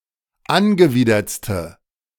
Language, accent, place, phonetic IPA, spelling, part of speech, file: German, Germany, Berlin, [ˈanɡəˌviːdɐt͡stə], angewidertste, adjective, De-angewidertste.ogg
- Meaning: inflection of angewidert: 1. strong/mixed nominative/accusative feminine singular superlative degree 2. strong nominative/accusative plural superlative degree